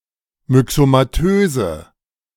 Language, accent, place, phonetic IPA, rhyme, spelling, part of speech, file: German, Germany, Berlin, [mʏksomaˈtøːzə], -øːzə, myxomatöse, adjective, De-myxomatöse.ogg
- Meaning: inflection of myxomatös: 1. strong/mixed nominative/accusative feminine singular 2. strong nominative/accusative plural 3. weak nominative all-gender singular